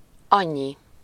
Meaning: so much, so many
- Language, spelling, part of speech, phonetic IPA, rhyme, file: Hungarian, annyi, pronoun, [ˈɒɲːi], -ɲi, Hu-annyi.ogg